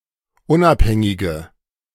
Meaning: inflection of unabhängig: 1. strong/mixed nominative/accusative feminine singular 2. strong nominative/accusative plural 3. weak nominative all-gender singular
- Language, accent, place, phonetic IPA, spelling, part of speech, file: German, Germany, Berlin, [ˈʊnʔapˌhɛŋɪɡə], unabhängige, adjective, De-unabhängige.ogg